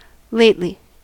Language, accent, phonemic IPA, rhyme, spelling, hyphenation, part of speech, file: English, US, /ˈleɪt.li/, -eɪtli, lately, late‧ly, adverb, En-us-lately.ogg
- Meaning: 1. Recently; not long ago; of late; not long since 2. In a late manner; after-the-fact 3. Formerly